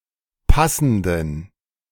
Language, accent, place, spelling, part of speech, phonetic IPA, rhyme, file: German, Germany, Berlin, passenden, adjective, [ˈpasn̩dən], -asn̩dən, De-passenden.ogg
- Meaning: inflection of passend: 1. strong genitive masculine/neuter singular 2. weak/mixed genitive/dative all-gender singular 3. strong/weak/mixed accusative masculine singular 4. strong dative plural